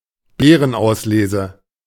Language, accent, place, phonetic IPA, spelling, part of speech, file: German, Germany, Berlin, [ˈbeːʀənˌʔaʊ̯sleːzə], Beerenauslese, noun, De-Beerenauslese.ogg